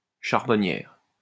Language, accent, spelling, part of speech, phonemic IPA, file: French, France, charbonnière, noun, /ʃaʁ.bɔ.njɛʁ/, LL-Q150 (fra)-charbonnière.wav
- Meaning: female equivalent of charbonnier